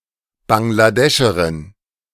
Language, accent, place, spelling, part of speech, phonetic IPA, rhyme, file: German, Germany, Berlin, Bangladescherin, noun, [baŋɡlaˈdɛʃəʁɪn], -ɛʃəʁɪn, De-Bangladescherin.ogg
- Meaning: Bangladeshi (female person from Bangladesh or of Bangladeshi descent)